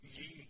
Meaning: to give (to transfer the possession of something to someone else)
- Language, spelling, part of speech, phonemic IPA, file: Norwegian Bokmål, gi, verb, /jiː/, No-gi.ogg